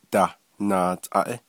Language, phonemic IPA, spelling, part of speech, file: Navajo, /tɑ̀h nɑ̀ːtʼɑ̀ʔɪ́/, dah naatʼaʼí, noun, Nv-dah naatʼaʼí.ogg
- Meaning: flag